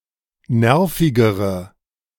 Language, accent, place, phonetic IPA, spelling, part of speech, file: German, Germany, Berlin, [ˈnɛʁfɪɡəʁə], nervigere, adjective, De-nervigere.ogg
- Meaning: inflection of nervig: 1. strong/mixed nominative/accusative feminine singular comparative degree 2. strong nominative/accusative plural comparative degree